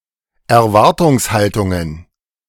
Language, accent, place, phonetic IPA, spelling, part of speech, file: German, Germany, Berlin, [ɛɐ̯ˈvaʁtʊŋsˌhaltʊŋən], Erwartungshaltungen, noun, De-Erwartungshaltungen.ogg
- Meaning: plural of Erwartungshaltung